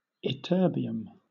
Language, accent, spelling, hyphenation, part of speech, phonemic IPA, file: English, Southern England, ytterbium, yt‧terb‧ium, noun, /ɪˈtɜː.bi.əm/, LL-Q1860 (eng)-ytterbium.wav
- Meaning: 1. A metallic chemical element with an atomic number of 70 2. A metallic chemical element with an atomic number of 70.: An atom of this element